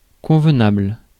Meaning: appropriate; correct; usable
- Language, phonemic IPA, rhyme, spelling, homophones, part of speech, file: French, /kɔ̃v.nabl/, -abl, convenable, convenables, adjective, Fr-convenable.ogg